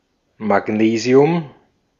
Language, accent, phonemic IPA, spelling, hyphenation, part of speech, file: German, Austria, /maˈɡneːzi̯ʊm/, Magnesium, Mag‧ne‧si‧um, noun, De-at-Magnesium.ogg
- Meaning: magnesium